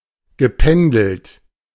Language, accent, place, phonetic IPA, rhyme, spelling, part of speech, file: German, Germany, Berlin, [ɡəˈpɛndl̩t], -ɛndl̩t, gependelt, verb, De-gependelt.ogg
- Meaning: past participle of pendeln